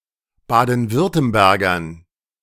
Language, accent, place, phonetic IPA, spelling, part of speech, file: German, Germany, Berlin, [ˈbaːdn̩ˈvʏʁtəmbɛʁɡɐn], Baden-Württembergern, noun, De-Baden-Württembergern.ogg
- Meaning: dative plural of Baden-Württemberger